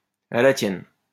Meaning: cheers, here's to you (used as a toast to drinking)
- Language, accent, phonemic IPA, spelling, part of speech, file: French, France, /a la tjɛn/, à la tienne, interjection, LL-Q150 (fra)-à la tienne.wav